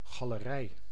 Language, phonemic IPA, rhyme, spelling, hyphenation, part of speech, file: Dutch, /ɣɑ.ləˈrɛi̯/, -ɛi̯, galerij, ga‧le‧rij, noun, Nl-galerij.ogg
- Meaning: gallery (a roofed promenade, especially one extending along the wall of a building and supported by arches or columns on the outer side)